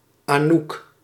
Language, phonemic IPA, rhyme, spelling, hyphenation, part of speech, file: Dutch, /aːˈnuk/, -uk, Anouk, Anouk, proper noun, Nl-Anouk.ogg
- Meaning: a female given name